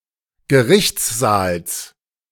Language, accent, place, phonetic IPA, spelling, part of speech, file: German, Germany, Berlin, [ɡəˈʁɪçt͡sˌzaːls], Gerichtssaals, noun, De-Gerichtssaals.ogg
- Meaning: genitive of Gerichtssaal